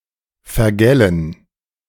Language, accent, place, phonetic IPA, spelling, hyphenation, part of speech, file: German, Germany, Berlin, [fɛɐ̯ˈɡɛlən], vergällen, ver‧gäl‧len, verb, De-vergällen.ogg
- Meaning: 1. to spoil 2. to denature (to add something to a substance to make it unsuitable for consumption)